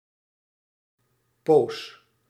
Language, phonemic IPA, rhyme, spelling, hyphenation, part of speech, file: Dutch, /poːs/, -oːs, poos, poos, noun, Nl-poos.ogg
- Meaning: 1. undefined period of time, an indefinite period 2. eternity 3. pause, interruption